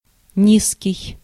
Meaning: 1. low 2. despicable 3. deep (of a sound or voice, low in frequency or pitch) 4. short (of a person)
- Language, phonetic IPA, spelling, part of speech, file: Russian, [ˈnʲiskʲɪj], низкий, adjective, Ru-низкий.ogg